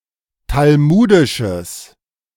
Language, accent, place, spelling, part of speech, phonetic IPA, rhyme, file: German, Germany, Berlin, talmudisches, adjective, [talˈmuːdɪʃəs], -uːdɪʃəs, De-talmudisches.ogg
- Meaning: strong/mixed nominative/accusative neuter singular of talmudisch